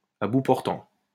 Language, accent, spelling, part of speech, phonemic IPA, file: French, France, à bout portant, adverb, /a bu pɔʁ.tɑ̃/, LL-Q150 (fra)-à bout portant.wav
- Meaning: at point-blank range, point blank